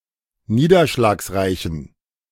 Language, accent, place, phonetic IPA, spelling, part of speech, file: German, Germany, Berlin, [ˈniːdɐʃlaːksˌʁaɪ̯çn̩], niederschlagsreichen, adjective, De-niederschlagsreichen.ogg
- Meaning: inflection of niederschlagsreich: 1. strong genitive masculine/neuter singular 2. weak/mixed genitive/dative all-gender singular 3. strong/weak/mixed accusative masculine singular